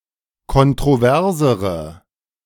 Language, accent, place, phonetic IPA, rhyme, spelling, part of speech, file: German, Germany, Berlin, [kɔntʁoˈvɛʁzəʁə], -ɛʁzəʁə, kontroversere, adjective, De-kontroversere.ogg
- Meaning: inflection of kontrovers: 1. strong/mixed nominative/accusative feminine singular comparative degree 2. strong nominative/accusative plural comparative degree